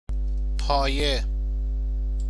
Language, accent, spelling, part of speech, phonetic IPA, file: Persian, Iran, پایه, noun / adjective, [pʰɒː.jé], Fa-پایه.ogg
- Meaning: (noun) 1. base, basis, foundation 2. basis 3. grade 4. any object placed under another to provide support; prop, pole